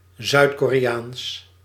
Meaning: South Korean; of, from or pertaining to South Korea or South Koreans
- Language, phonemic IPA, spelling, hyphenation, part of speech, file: Dutch, /ˌzœy̯t.koː.reːˈaːns/, Zuid-Koreaans, Zuid-Ko‧re‧aans, adjective, Nl-Zuid-Koreaans.ogg